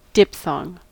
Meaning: A complex vowel sound that begins with the sound of one vowel and ends with the sound of another vowel, in the same syllable
- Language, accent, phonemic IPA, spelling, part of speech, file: English, US, /ˈdɪfˌθɔŋ/, diphthong, noun, En-us-diphthong.ogg